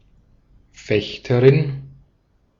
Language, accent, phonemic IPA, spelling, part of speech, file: German, Austria, /ˈfɛçtɐʁɪn/, Fechterin, noun, De-at-Fechterin.ogg
- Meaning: female equivalent of Fechter: female fencer